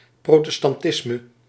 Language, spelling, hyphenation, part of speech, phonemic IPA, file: Dutch, protestantisme, pro‧tes‧tan‧tis‧me, noun, /ˌprotəstɑnˈtɪsmə/, Nl-protestantisme.ogg
- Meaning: Protestantism